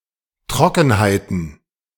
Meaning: plural of Trockenheit
- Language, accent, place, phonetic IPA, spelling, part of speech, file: German, Germany, Berlin, [ˈtʁɔkn̩haɪ̯tn̩], Trockenheiten, noun, De-Trockenheiten.ogg